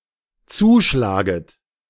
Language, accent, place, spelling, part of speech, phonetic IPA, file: German, Germany, Berlin, zuschlaget, verb, [ˈt͡suːˌʃlaːɡət], De-zuschlaget.ogg
- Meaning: second-person plural dependent subjunctive I of zuschlagen